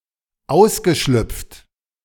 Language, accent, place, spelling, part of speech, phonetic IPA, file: German, Germany, Berlin, ausgeschlüpft, verb, [ˈaʊ̯sɡəˌʃlʏp͡ft], De-ausgeschlüpft.ogg
- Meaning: past participle of ausschlüpfen